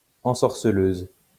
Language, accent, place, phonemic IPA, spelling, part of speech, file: French, France, Lyon, /ɑ̃.sɔʁ.sə.løz/, ensorceleuse, adjective, LL-Q150 (fra)-ensorceleuse.wav
- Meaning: feminine singular of ensorceleur